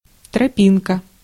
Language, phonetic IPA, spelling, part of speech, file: Russian, [trɐˈpʲinkə], тропинка, noun, Ru-тропинка.ogg
- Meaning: path, small path (a trail for the use of, or worn in by, pedestrians)